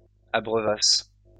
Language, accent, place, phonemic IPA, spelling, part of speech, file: French, France, Lyon, /a.bʁœ.vas/, abreuvasses, verb, LL-Q150 (fra)-abreuvasses.wav
- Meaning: second-person singular imperfect subjunctive of abreuver